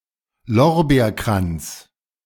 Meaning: laurel wreath
- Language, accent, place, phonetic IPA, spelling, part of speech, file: German, Germany, Berlin, [ˈlɔʁbeːɐ̯ˌkʁant͡s], Lorbeerkranz, noun, De-Lorbeerkranz.ogg